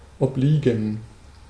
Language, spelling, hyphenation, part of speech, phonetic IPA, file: German, obliegen, ob‧lie‧gen, verb, [ɔpˈliːɡn̩], De-obliegen.ogg
- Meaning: 1. to be incumbent upon (someone), to be (someone's) responsibility 2. to dedicate oneself (to a task)